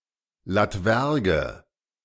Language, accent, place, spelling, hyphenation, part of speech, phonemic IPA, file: German, Germany, Berlin, Latwerge, Lat‧wer‧ge, noun, /latˈvɛʁɡə/, De-Latwerge.ogg
- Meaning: 1. electuary 2. fruit mush, especially plum puree